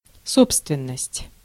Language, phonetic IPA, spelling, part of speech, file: Russian, [ˈsopstvʲɪn(ː)əsʲtʲ], собственность, noun, Ru-собственность.ogg
- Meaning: 1. property 2. ownership